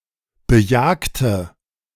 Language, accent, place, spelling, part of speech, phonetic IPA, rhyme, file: German, Germany, Berlin, bejagte, adjective / verb, [bəˈjaːktə], -aːktə, De-bejagte.ogg
- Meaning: inflection of bejagen: 1. first/third-person singular preterite 2. first/third-person singular subjunctive II